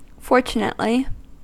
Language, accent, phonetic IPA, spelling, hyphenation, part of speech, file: English, US, [ˈfɔɹt͡ʃ.nɪʔ.li], fortunately, for‧tu‧nate‧ly, adverb, En-us-fortunately.ogg
- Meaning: 1. In a fortunate manner 2. It is (or was, etc) fortunate that